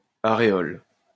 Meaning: 1. areola 2. areole
- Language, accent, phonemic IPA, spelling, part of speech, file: French, France, /a.ʁe.ɔl/, aréole, noun, LL-Q150 (fra)-aréole.wav